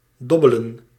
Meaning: 1. to throw dice 2. to gamble in a dice game
- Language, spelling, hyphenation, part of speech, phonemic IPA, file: Dutch, dobbelen, dob‧be‧len, verb, /ˈdɔbələ(n)/, Nl-dobbelen.ogg